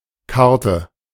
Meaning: 1. card (flat, normally rectangular piece of stiff paper, plastic etc.) 2. ellipsis of Spielkarte: playing card 3. ellipsis of Landkarte: map 4. ellipsis of Speisekarte: menu
- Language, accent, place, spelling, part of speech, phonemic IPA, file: German, Germany, Berlin, Karte, noun, /ˈkartə/, De-Karte.ogg